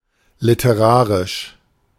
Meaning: literary
- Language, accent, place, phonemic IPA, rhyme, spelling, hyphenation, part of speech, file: German, Germany, Berlin, /lɪtəˈʁaːʁɪʃ/, -aːʁɪʃ, literarisch, li‧te‧ra‧risch, adjective, De-literarisch.ogg